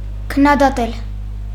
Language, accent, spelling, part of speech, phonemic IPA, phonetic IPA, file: Armenian, Eastern Armenian, քննադատել, verb, /kʰənnɑdɑˈtel/, [kʰənːɑdɑtél], Hy-քննադատել.ogg
- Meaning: to criticize